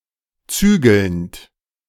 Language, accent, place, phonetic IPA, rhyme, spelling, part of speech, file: German, Germany, Berlin, [ˈt͡syːɡl̩nt], -yːɡl̩nt, zügelnd, verb, De-zügelnd.ogg
- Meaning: present participle of zügeln